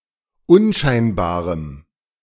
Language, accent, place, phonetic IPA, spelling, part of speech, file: German, Germany, Berlin, [ˈʊnˌʃaɪ̯nbaːʁəm], unscheinbarem, adjective, De-unscheinbarem.ogg
- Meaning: strong dative masculine/neuter singular of unscheinbar